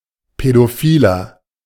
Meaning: 1. paedophile, paedophiliac (UK), pedophile, pedophiliac (US) (male or of unspecified gender) 2. inflection of Pädophile: strong genitive/dative singular
- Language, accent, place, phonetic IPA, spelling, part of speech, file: German, Germany, Berlin, [pɛdoˈfiːlɐ], Pädophiler, noun, De-Pädophiler.ogg